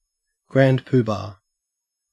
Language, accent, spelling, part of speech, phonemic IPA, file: English, Australia, grand poobah, noun, /ɡɹænd ˈpuːbɑː/, En-au-grand poobah.ogg
- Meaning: 1. A person who is important or high-ranking 2. An extremely pompous person